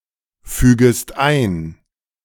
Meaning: second-person singular subjunctive I of einfügen
- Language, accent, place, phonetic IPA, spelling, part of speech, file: German, Germany, Berlin, [ˌfyːɡəst ˈaɪ̯n], fügest ein, verb, De-fügest ein.ogg